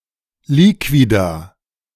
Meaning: liquid
- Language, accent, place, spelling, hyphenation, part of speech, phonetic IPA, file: German, Germany, Berlin, Liquida, Li‧qui‧da, noun, [ˈliːkvida], De-Liquida.ogg